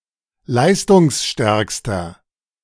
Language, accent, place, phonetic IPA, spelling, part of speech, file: German, Germany, Berlin, [ˈlaɪ̯stʊŋsˌʃtɛʁkstɐ], leistungsstärkster, adjective, De-leistungsstärkster.ogg
- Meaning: inflection of leistungsstark: 1. strong/mixed nominative masculine singular superlative degree 2. strong genitive/dative feminine singular superlative degree